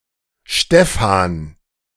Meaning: a male given name, feminine equivalent Stefanie and Stephanie, equivalent to English Stephen; variant form Steffen
- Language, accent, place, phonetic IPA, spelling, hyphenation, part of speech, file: German, Germany, Berlin, [ˈʃtɛfan], Stefan, Ste‧fan, proper noun, De-Stefan.ogg